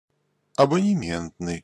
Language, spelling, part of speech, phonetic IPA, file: Russian, абонементный, adjective, [ɐbənʲɪˈmʲentnɨj], Ru-абонементный.ogg
- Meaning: 1. subscription, loan 2. prepaid